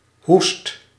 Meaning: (noun) cough; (verb) inflection of hoesten: 1. first/second/third-person singular present indicative 2. imperative
- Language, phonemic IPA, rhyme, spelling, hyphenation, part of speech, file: Dutch, /ˈɦust/, -ust, hoest, hoest, noun / verb, Nl-hoest.ogg